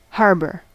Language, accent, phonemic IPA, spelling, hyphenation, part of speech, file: English, US, /ˈhɑɹbɚ/, harbor, har‧bor, noun / verb, En-us-harbor.ogg
- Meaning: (noun) 1. Any place of shelter 2. A sheltered expanse of water, adjacent to land, in which ships may anchor or dock, especially for loading and unloading 3. A mixing box for materials